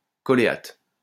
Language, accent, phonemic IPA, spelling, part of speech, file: French, France, /kɔ.le.at/, choléate, noun, LL-Q150 (fra)-choléate.wav
- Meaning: choleate